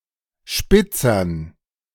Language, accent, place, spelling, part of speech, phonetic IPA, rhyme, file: German, Germany, Berlin, Spitzern, noun, [ˈʃpɪt͡sɐn], -ɪt͡sɐn, De-Spitzern.ogg
- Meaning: dative plural of Spitzer